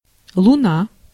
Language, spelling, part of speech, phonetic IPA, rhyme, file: Russian, луна, noun, [ɫʊˈna], -a, Ru-луна.ogg
- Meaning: 1. moon (the Moon, the satellite of planet Earth) 2. moon (any substantially sized natural satellite of a planet)